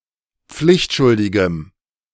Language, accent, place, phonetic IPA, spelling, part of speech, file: German, Germany, Berlin, [ˈp͡flɪçtˌʃʊldɪɡəm], pflichtschuldigem, adjective, De-pflichtschuldigem.ogg
- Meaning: strong dative masculine/neuter singular of pflichtschuldig